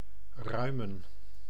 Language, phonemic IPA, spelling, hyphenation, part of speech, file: Dutch, /ˈrœy̯mə(n)/, ruimen, rui‧men, verb / noun, Nl-ruimen.ogg
- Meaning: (verb) 1. to make more spacious 2. to empty, to evacuate 3. to put away, to tidy up 4. to cull, to exterminate (typically for public health reasons); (noun) plural of ruim